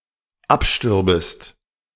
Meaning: second-person singular dependent subjunctive II of absterben
- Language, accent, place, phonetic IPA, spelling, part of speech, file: German, Germany, Berlin, [ˈapˌʃtʏʁbəst], abstürbest, verb, De-abstürbest.ogg